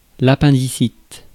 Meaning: appendicitis (inflammation of the vermiform appendix)
- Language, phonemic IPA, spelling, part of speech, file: French, /a.pɛ̃.di.sit/, appendicite, noun, Fr-appendicite.ogg